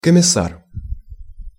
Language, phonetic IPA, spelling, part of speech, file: Russian, [kəmʲɪˈs(ː)ar], комиссар, noun, Ru-комиссар.ogg
- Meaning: 1. commissar 2. commissioner